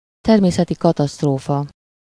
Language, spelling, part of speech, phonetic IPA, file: Hungarian, természeti katasztrófa, noun, [ˈtɛrmeːsɛti ˌkɒtɒstroːfɒ], Hu-természeti katasztrófa.ogg
- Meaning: natural disaster